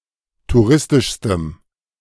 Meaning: strong dative masculine/neuter singular superlative degree of touristisch
- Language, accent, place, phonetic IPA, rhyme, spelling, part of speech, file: German, Germany, Berlin, [tuˈʁɪstɪʃstəm], -ɪstɪʃstəm, touristischstem, adjective, De-touristischstem.ogg